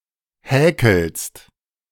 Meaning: second-person singular present of häkeln
- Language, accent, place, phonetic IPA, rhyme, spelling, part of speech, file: German, Germany, Berlin, [ˈhɛːkl̩st], -ɛːkl̩st, häkelst, verb, De-häkelst.ogg